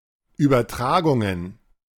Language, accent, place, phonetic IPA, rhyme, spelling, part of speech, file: German, Germany, Berlin, [ˌyːbɐˈtʁaːɡʊŋən], -aːɡʊŋən, Übertragungen, noun, De-Übertragungen.ogg
- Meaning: plural of Übertragung